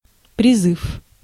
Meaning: 1. call, appeal 2. slogan 3. conscription, draft
- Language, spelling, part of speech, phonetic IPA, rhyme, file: Russian, призыв, noun, [prʲɪˈzɨf], -ɨf, Ru-призыв.ogg